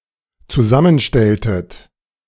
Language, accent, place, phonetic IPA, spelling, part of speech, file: German, Germany, Berlin, [t͡suˈzamənˌʃtɛltət], zusammenstelltet, verb, De-zusammenstelltet.ogg
- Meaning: inflection of zusammenstellen: 1. second-person plural dependent preterite 2. second-person plural dependent subjunctive II